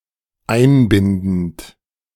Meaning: present participle of einbinden
- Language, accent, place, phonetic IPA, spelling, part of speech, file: German, Germany, Berlin, [ˈaɪ̯nˌbɪndn̩t], einbindend, verb, De-einbindend.ogg